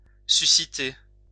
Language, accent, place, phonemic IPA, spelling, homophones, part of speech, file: French, France, Lyon, /sy.si.te/, susciter, suscité / sus-cité, verb, LL-Q150 (fra)-susciter.wav
- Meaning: to stir up, fuel, evoke, suscitate